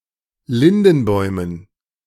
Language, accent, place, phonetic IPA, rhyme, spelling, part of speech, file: German, Germany, Berlin, [ˈlɪndn̩ˌbɔɪ̯mən], -ɪndn̩bɔɪ̯mən, Lindenbäumen, noun, De-Lindenbäumen.ogg
- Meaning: dative plural of Lindenbaum